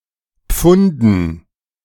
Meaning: dative plural of Pfund
- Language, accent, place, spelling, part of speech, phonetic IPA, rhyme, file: German, Germany, Berlin, Pfunden, noun, [ˈp͡fʊndn̩], -ʊndn̩, De-Pfunden.ogg